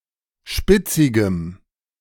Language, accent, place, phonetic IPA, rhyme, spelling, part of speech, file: German, Germany, Berlin, [ˈʃpɪt͡sɪɡəm], -ɪt͡sɪɡəm, spitzigem, adjective, De-spitzigem.ogg
- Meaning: strong dative masculine/neuter singular of spitzig